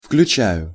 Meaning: first-person singular present indicative of включа́ть impf (vključátʹ)
- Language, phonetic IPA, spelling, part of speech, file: Russian, [fklʲʉˈt͡ɕæjʊ], включаю, verb, Ru-включаю.ogg